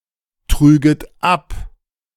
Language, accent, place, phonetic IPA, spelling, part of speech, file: German, Germany, Berlin, [ˌtʁyːɡət ˈap], trüget ab, verb, De-trüget ab.ogg
- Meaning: second-person plural subjunctive II of abtragen